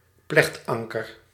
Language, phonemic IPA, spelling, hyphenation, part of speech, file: Dutch, /ˈplɛxtˌɑŋ.kər/, plechtanker, plecht‧an‧ker, noun, Nl-plechtanker.ogg
- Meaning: 1. sheet anchor 2. last resort, last hope